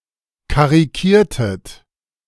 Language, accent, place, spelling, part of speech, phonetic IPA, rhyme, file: German, Germany, Berlin, karikiertet, verb, [kaʁiˈkiːɐ̯tət], -iːɐ̯tət, De-karikiertet.ogg
- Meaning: inflection of karikieren: 1. second-person plural preterite 2. second-person plural subjunctive II